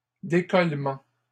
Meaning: plural of décollement
- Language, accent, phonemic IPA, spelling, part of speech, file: French, Canada, /de.kɔl.mɑ̃/, décollements, noun, LL-Q150 (fra)-décollements.wav